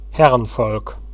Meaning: 1. a master race, a herrenvolk 2. A class of general officers in the Prussian and German armies (c. 1870–1945)
- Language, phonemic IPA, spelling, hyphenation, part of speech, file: German, /ˈhɛʁənfɔlk/, Herrenvolk, Her‧ren‧volk, noun, De-herrenvolk.ogg